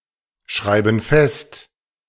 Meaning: inflection of festschreiben: 1. first/third-person plural present 2. first/third-person plural subjunctive I
- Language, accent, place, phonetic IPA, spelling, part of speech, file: German, Germany, Berlin, [ˌʃʁaɪ̯bn̩ ˈfɛst], schreiben fest, verb, De-schreiben fest.ogg